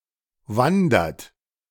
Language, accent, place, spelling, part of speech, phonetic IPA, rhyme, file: German, Germany, Berlin, wandert, verb, [ˈvandɐt], -andɐt, De-wandert.ogg
- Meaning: inflection of wandern: 1. third-person singular present 2. second-person plural present 3. plural imperative